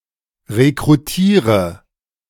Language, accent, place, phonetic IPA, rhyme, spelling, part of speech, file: German, Germany, Berlin, [ʁekʁuˈtiːʁə], -iːʁə, rekrutiere, verb, De-rekrutiere.ogg
- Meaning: inflection of rekrutieren: 1. first-person singular present 2. singular imperative 3. first/third-person singular subjunctive I